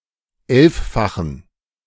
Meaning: inflection of elffach: 1. strong genitive masculine/neuter singular 2. weak/mixed genitive/dative all-gender singular 3. strong/weak/mixed accusative masculine singular 4. strong dative plural
- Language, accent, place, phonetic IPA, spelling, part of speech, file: German, Germany, Berlin, [ˈɛlffaxn̩], elffachen, adjective, De-elffachen.ogg